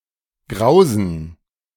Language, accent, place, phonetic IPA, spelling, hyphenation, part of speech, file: German, Germany, Berlin, [ˈɡʁaʊ̯zən], grausen, grau‧sen, verb, De-grausen.ogg
- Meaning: to cause to feel dread [with accusative or dative ‘someone’, along with vor (+ dative) ‘of something’] (idiomatically translated by English dread with the dative or accusative object as the subject)